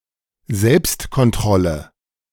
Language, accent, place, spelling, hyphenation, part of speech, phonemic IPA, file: German, Germany, Berlin, Selbstkontrolle, Selbst‧kon‧t‧rol‧le, noun, /ˈzɛlpstkɔnˌtʁɔlə/, De-Selbstkontrolle.ogg
- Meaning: 1. self-control 2. self-inspection